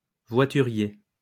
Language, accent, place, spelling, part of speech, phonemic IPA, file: French, France, Lyon, voiturier, noun, /vwa.ty.ʁje/, LL-Q150 (fra)-voiturier.wav
- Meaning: 1. a haulier 2. a valet (person employed to park a vehicle)